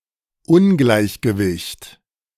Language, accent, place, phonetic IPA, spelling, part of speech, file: German, Germany, Berlin, [ˈʊnɡlaɪ̯çɡəvɪçt], Ungleichgewicht, noun, De-Ungleichgewicht.ogg
- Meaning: 1. imbalance 2. disequilibrium 3. mismatch 4. disparity